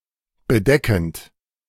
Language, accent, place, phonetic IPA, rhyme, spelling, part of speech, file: German, Germany, Berlin, [bəˈdɛkn̩t], -ɛkn̩t, bedeckend, verb, De-bedeckend.ogg
- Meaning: present participle of bedecken